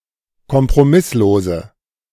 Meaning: inflection of kompromisslos: 1. strong/mixed nominative/accusative feminine singular 2. strong nominative/accusative plural 3. weak nominative all-gender singular
- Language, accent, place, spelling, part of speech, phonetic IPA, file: German, Germany, Berlin, kompromisslose, adjective, [kɔmpʁoˈmɪsloːzə], De-kompromisslose.ogg